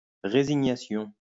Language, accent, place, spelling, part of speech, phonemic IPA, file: French, France, Lyon, résignation, noun, /ʁe.zi.ɲa.sjɔ̃/, LL-Q150 (fra)-résignation.wav
- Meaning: 1. resignation (state of uncomplaining frustration) 2. resignation (act of resigning from a post)